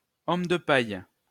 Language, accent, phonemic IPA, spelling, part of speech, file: French, France, /ɔm də paj/, homme de paille, noun, LL-Q150 (fra)-homme de paille.wav
- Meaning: straw man, figurehead, front man